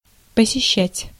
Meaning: 1. to visit, to call on 2. to attend (lectures)
- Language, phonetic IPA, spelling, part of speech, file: Russian, [pəsʲɪˈɕːætʲ], посещать, verb, Ru-посещать.ogg